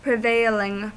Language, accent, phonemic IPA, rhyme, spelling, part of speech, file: English, US, /pɹɪˈveɪ.lɪŋ/, -eɪlɪŋ, prevailing, adjective / verb, En-us-prevailing.ogg
- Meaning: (adjective) 1. Predominant; of greatest force 2. Prevalent, common, widespread; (verb) present participle and gerund of prevail